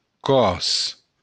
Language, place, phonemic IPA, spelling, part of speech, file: Occitan, Béarn, /ˈkɔɾs/, còrs, noun, LL-Q14185 (oci)-còrs.wav
- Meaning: 1. Corsican (language) 2. plural of còr